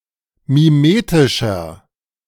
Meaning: 1. comparative degree of mimetisch 2. inflection of mimetisch: strong/mixed nominative masculine singular 3. inflection of mimetisch: strong genitive/dative feminine singular
- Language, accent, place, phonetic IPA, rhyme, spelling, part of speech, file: German, Germany, Berlin, [miˈmeːtɪʃɐ], -eːtɪʃɐ, mimetischer, adjective, De-mimetischer.ogg